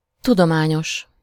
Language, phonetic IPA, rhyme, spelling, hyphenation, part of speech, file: Hungarian, [ˈtudomaːɲoʃ], -oʃ, tudományos, tu‧do‧má‧nyos, adjective, Hu-tudományos.ogg
- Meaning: scientific, academic, scholarly